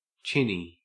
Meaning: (adjective) 1. Having a prominent chin 2. Having a sensitive chin 3. Given to talk, talkative
- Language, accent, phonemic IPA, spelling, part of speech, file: English, Australia, /ˈt͡ʃɪni/, chinny, adjective / noun, En-au-chinny.ogg